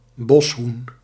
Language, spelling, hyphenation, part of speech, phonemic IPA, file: Dutch, boshoen, bos‧hoen, noun, /ˈbɔs.ɦun/, Nl-boshoen.ogg
- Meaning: any of several fowl of the genus Megapodius; scrubfowl